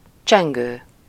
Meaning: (verb) present participle of cseng; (adjective) ringing; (noun) 1. bell (a percussive instrument made of metal or other hard material) 2. bell (signal at a school)
- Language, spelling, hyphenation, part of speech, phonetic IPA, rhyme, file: Hungarian, csengő, csen‧gő, verb / adjective / noun, [ˈt͡ʃɛŋɡøː], -ɡøː, Hu-csengő.ogg